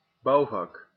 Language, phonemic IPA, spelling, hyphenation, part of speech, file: Dutch, /ˈbɑu̯.vɑk/, bouwvak, bouw‧vak, noun, Nl-bouwvak.ogg
- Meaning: 1. the construction business, trade 2. the builder's profession, métier 3. the construction workers' summer holidays